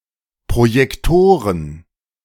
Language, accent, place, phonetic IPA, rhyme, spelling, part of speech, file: German, Germany, Berlin, [pʁojɛkˈtoːʁən], -oːʁən, Projektoren, noun, De-Projektoren.ogg
- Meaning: plural of Projektor